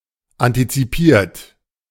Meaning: 1. past participle of antizipieren 2. inflection of antizipieren: third-person singular present 3. inflection of antizipieren: second-person plural present
- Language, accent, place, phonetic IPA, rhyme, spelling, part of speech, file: German, Germany, Berlin, [ˌantit͡siˈpiːɐ̯t], -iːɐ̯t, antizipiert, adjective / verb, De-antizipiert.ogg